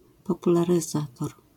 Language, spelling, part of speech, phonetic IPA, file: Polish, popularyzator, noun, [ˌpɔpularɨˈzatɔr], LL-Q809 (pol)-popularyzator.wav